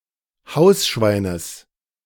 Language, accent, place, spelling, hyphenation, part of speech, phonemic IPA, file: German, Germany, Berlin, Hausschweines, Haus‧schwei‧nes, noun, /ˈhaʊ̯sˌʃvaɪ̯nəs/, De-Hausschweines.ogg
- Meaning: genitive singular of Hausschwein